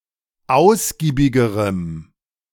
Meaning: strong dative masculine/neuter singular comparative degree of ausgiebig
- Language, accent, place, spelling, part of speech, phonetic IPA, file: German, Germany, Berlin, ausgiebigerem, adjective, [ˈaʊ̯sɡiːbɪɡəʁəm], De-ausgiebigerem.ogg